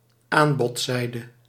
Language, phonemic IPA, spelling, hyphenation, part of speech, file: Dutch, /ˈaːn.bɔtˌsɛi̯.də/, aanbodzijde, aan‧bod‧zij‧de, noun, Nl-aanbodzijde.ogg
- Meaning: supply side